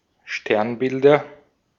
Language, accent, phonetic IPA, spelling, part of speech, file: German, Austria, [ˈʃtɛʁnˌbɪldɐ], Sternbilder, noun, De-at-Sternbilder.ogg
- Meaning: nominative/accusative/genitive plural of Sternbild